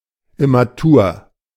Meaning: immature (especially of birds and animals)
- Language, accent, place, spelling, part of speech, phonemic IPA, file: German, Germany, Berlin, immatur, adjective, /ɪmaˈtuːɐ̯/, De-immatur.ogg